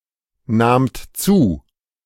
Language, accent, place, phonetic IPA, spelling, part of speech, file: German, Germany, Berlin, [ˌnaːmt ˈt͡suː], nahmt zu, verb, De-nahmt zu.ogg
- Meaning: second-person plural preterite of zunehmen